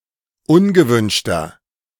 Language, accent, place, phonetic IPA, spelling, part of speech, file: German, Germany, Berlin, [ˈʊnɡəˌvʏnʃtɐ], ungewünschter, adjective, De-ungewünschter.ogg
- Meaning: inflection of ungewünscht: 1. strong/mixed nominative masculine singular 2. strong genitive/dative feminine singular 3. strong genitive plural